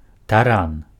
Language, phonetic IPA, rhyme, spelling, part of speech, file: Belarusian, [taˈran], -an, таран, noun, Be-таран.ogg
- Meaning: battering ram